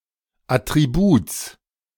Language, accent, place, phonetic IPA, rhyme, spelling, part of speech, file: German, Germany, Berlin, [ˌatʁiˈbuːt͡s], -uːt͡s, Attributs, noun, De-Attributs.ogg
- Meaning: genitive singular of Attribut